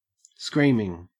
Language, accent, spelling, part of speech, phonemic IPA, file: English, Australia, screaming, verb / adjective / noun, /ˈskɹiːmɪŋ/, En-au-screaming.ogg
- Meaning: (verb) present participle and gerund of scream; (adjective) 1. Loud, sharp, and piercing to the ear 2. Obvious; distinct 3. First-rate; splendid